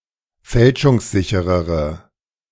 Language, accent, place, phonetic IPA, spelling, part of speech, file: German, Germany, Berlin, [ˈfɛlʃʊŋsˌzɪçəʁəʁə], fälschungssicherere, adjective, De-fälschungssicherere.ogg
- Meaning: inflection of fälschungssicher: 1. strong/mixed nominative/accusative feminine singular comparative degree 2. strong nominative/accusative plural comparative degree